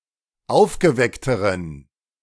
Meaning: inflection of aufgeweckt: 1. strong genitive masculine/neuter singular comparative degree 2. weak/mixed genitive/dative all-gender singular comparative degree
- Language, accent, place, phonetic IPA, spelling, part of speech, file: German, Germany, Berlin, [ˈaʊ̯fɡəˌvɛktəʁən], aufgeweckteren, adjective, De-aufgeweckteren.ogg